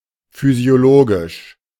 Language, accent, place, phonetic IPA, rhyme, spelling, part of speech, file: German, Germany, Berlin, [fyzi̯oˈloːɡɪʃ], -oːɡɪʃ, physiologisch, adjective, De-physiologisch.ogg
- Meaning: physiological